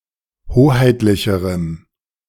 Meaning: strong dative masculine/neuter singular comparative degree of hoheitlich
- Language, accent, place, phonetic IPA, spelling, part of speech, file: German, Germany, Berlin, [ˈhoːhaɪ̯tlɪçəʁəm], hoheitlicherem, adjective, De-hoheitlicherem.ogg